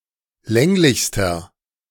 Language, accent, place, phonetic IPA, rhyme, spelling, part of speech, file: German, Germany, Berlin, [ˈlɛŋlɪçstɐ], -ɛŋlɪçstɐ, länglichster, adjective, De-länglichster.ogg
- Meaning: inflection of länglich: 1. strong/mixed nominative masculine singular superlative degree 2. strong genitive/dative feminine singular superlative degree 3. strong genitive plural superlative degree